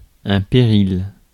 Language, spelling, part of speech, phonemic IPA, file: French, péril, noun, /pe.ʁil/, Fr-péril.ogg
- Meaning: peril, danger